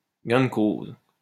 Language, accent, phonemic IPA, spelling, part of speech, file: French, France, /ɡɛ̃ d(ə) koz/, gain de cause, noun, LL-Q150 (fra)-gain de cause.wav
- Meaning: 1. winning of the case (in a trial) 2. upper hand in a debate, victory